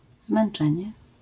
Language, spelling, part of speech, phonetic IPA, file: Polish, zmęczenie, noun, [zmɛ̃n͇ˈt͡ʃɛ̃ɲɛ], LL-Q809 (pol)-zmęczenie.wav